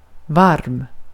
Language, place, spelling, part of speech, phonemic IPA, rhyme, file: Swedish, Gotland, varm, adjective, /varm/, -arm, Sv-varm.ogg
- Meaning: 1. warm, (sometimes, idiomatically) hot: hot (of food) 2. warm, (sometimes, idiomatically) hot: hot (of weather) 3. warm, caring